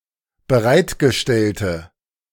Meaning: inflection of bereitgestellt: 1. strong/mixed nominative/accusative feminine singular 2. strong nominative/accusative plural 3. weak nominative all-gender singular
- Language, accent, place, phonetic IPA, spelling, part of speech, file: German, Germany, Berlin, [bəˈʁaɪ̯tɡəˌʃtɛltə], bereitgestellte, adjective, De-bereitgestellte.ogg